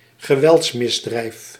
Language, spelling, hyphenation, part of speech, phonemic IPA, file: Dutch, geweldsmisdrijf, ge‧welds‧mis‧drijf, noun, /ɣəˈʋɛlts.mɪsˌdrɛi̯f/, Nl-geweldsmisdrijf.ogg
- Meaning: a violent crime